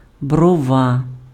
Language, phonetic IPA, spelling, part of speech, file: Ukrainian, [brɔˈʋa], брова, noun, Uk-брова.ogg
- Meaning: eyebrow